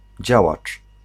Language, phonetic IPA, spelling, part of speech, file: Polish, [ˈd͡ʑawat͡ʃ], działacz, noun, Pl-działacz.ogg